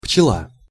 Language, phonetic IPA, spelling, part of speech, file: Russian, [pt͡ɕɪˈɫa], пчела, noun, Ru-пчела.ogg
- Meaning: bee